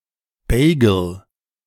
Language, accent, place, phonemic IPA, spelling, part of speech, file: German, Germany, Berlin, /ˈbeːɡəl/, Bagel, noun, De-Bagel.ogg
- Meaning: bagel (toroidal bread roll)